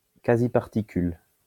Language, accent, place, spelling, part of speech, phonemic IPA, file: French, France, Lyon, quasi-particule, noun, /ka.zi.paʁ.ti.kyl/, LL-Q150 (fra)-quasi-particule.wav
- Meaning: quasiparticle